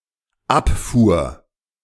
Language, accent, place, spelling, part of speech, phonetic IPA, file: German, Germany, Berlin, abfuhr, verb, [ˈapˌfuːɐ̯], De-abfuhr.ogg
- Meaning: first/third-person singular dependent preterite of abfahren